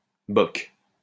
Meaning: type of horse-drawn carriage
- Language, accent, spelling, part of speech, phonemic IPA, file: French, France, boc, noun, /bɔk/, LL-Q150 (fra)-boc.wav